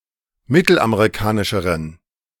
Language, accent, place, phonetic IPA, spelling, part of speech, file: German, Germany, Berlin, [ˈmɪtl̩ʔameʁiˌkaːnɪʃəʁən], mittelamerikanischeren, adjective, De-mittelamerikanischeren.ogg
- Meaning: inflection of mittelamerikanisch: 1. strong genitive masculine/neuter singular comparative degree 2. weak/mixed genitive/dative all-gender singular comparative degree